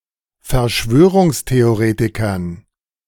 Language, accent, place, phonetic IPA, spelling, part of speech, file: German, Germany, Berlin, [fɛɐ̯ˈʃvøːʁʊŋsteoˌʁeːtɪkɐn], Verschwörungstheoretikern, noun, De-Verschwörungstheoretikern.ogg
- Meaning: dative plural of Verschwörungstheoretiker